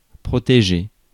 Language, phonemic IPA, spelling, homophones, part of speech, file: French, /pʁɔ.te.ʒe/, protéger, protégé / protégée / protégés / protégées / protégez, verb, Fr-protéger.ogg
- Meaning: 1. to protect 2. to protect oneself 3. to protect one's ... 4. to protect each other